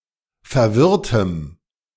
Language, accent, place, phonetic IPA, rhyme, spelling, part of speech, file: German, Germany, Berlin, [fɛɐ̯ˈvɪʁtəm], -ɪʁtəm, verwirrtem, adjective, De-verwirrtem.ogg
- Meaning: strong dative masculine/neuter singular of verwirrt